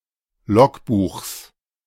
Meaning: genitive singular of Logbuch
- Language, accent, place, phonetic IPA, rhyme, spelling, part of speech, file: German, Germany, Berlin, [ˈlɔkˌbuːxs], -ɔkbuːxs, Logbuchs, noun, De-Logbuchs.ogg